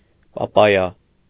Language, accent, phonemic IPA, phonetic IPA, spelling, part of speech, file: Armenian, Eastern Armenian, /pɑˈpɑjɑ/, [pɑpɑ́jɑ], պապայա, noun, Hy-պապայա.ogg
- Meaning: papaya